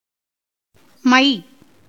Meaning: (character) the alphasyllabic compound of ம் (m) + ஐ (ai); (noun) 1. ink, ink paste 2. collyrium for the eye 3. grease made of castor-oil and burnt straw, used as a lubricant for country-carts
- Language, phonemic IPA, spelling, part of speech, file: Tamil, /mɐɪ̯/, மை, character / noun, Ta-மை.ogg